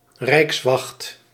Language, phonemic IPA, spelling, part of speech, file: Dutch, /ˈrɛikswɑxt/, rijkswacht, noun, Nl-rijkswacht.ogg
- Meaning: the gendarmerie, especially the historical Belgian force